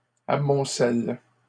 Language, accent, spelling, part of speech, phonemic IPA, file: French, Canada, amoncelle, verb, /a.mɔ̃.sɛl/, LL-Q150 (fra)-amoncelle.wav
- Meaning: inflection of amonceler: 1. first/third-person singular present indicative/subjunctive 2. second-person singular imperative